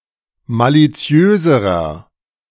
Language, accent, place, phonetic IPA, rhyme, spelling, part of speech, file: German, Germany, Berlin, [ˌmaliˈt͡si̯øːzəʁɐ], -øːzəʁɐ, maliziöserer, adjective, De-maliziöserer.ogg
- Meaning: inflection of maliziös: 1. strong/mixed nominative masculine singular comparative degree 2. strong genitive/dative feminine singular comparative degree 3. strong genitive plural comparative degree